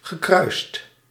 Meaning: past participle of kruisen
- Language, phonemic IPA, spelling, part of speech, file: Dutch, /ɣəˈkrœyst/, gekruist, verb / adjective, Nl-gekruist.ogg